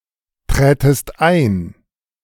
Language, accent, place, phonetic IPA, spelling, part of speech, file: German, Germany, Berlin, [ˌtʁɛːtəst ˈaɪ̯n], trätest ein, verb, De-trätest ein.ogg
- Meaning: second-person singular subjunctive II of eintreten